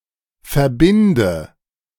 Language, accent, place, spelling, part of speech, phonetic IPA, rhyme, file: German, Germany, Berlin, verbinde, verb, [fɛɐ̯ˈbɪndə], -ɪndə, De-verbinde.ogg
- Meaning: inflection of verbinden: 1. first-person singular present 2. first/third-person singular subjunctive I 3. singular imperative